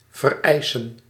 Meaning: to need, require
- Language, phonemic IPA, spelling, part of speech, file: Dutch, /vɛrɛɪsə(n)/, vereisen, verb, Nl-vereisen.ogg